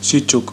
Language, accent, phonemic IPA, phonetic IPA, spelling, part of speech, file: Armenian, Eastern Armenian, /ʃiˈt͡ʃuk/, [ʃit͡ʃúk], շիճուկ, noun, Hy-շիճուկ.ogg
- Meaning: 1. whey, buttermilk 2. serum